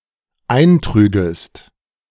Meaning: second-person singular dependent subjunctive II of eintragen
- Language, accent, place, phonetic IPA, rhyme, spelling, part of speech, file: German, Germany, Berlin, [ˈaɪ̯nˌtʁyːɡəst], -aɪ̯ntʁyːɡəst, eintrügest, verb, De-eintrügest.ogg